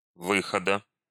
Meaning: genitive singular of вы́ход (výxod)
- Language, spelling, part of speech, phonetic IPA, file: Russian, выхода, noun, [ˈvɨxədə], Ru-выхода.ogg